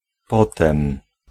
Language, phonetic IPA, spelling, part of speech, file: Polish, [ˈpɔtɛ̃m], potem, adverb / noun, Pl-potem.ogg